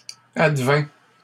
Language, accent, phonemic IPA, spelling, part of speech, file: French, Canada, /ad.vɛ̃/, advint, verb, LL-Q150 (fra)-advint.wav
- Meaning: third-person singular past historic of advenir